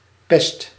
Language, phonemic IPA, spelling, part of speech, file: Dutch, /pɛst/, pest, noun / verb, Nl-pest.ogg
- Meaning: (noun) 1. a plague, pest, pestilence 2. a specific bovine plague 3. an obnoxious person; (verb) inflection of pesten: 1. first/second/third-person singular present indicative 2. imperative